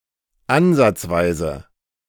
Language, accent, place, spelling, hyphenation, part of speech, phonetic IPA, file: German, Germany, Berlin, ansatzweise, an‧satz‧wei‧se, adverb, [ˈanzat͡sˌvaɪ̯zə], De-ansatzweise.ogg
- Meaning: 1. rudimentarily 2. to some extent